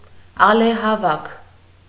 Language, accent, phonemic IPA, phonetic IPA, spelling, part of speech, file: Armenian, Eastern Armenian, /ɑlehɑˈvɑkʰ/, [ɑlehɑvɑ́kʰ], ալեհավաք, noun, Hy-ալեհավաք.ogg
- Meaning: antenna, aerial